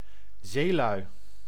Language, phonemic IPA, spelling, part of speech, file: Dutch, /ˈzelœy/, zeelui, noun, Nl-zeelui.ogg
- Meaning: plural of zeeman